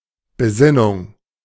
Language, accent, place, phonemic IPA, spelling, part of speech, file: German, Germany, Berlin, /bəˈzɪnʊŋ/, Besinnung, noun, De-Besinnung.ogg
- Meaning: 1. consciousness 2. reflexion